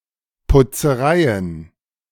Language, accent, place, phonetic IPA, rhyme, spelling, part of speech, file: German, Germany, Berlin, [pʊt͡səˈʁaɪ̯ən], -aɪ̯ən, Putzereien, noun, De-Putzereien.ogg
- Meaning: plural of Putzerei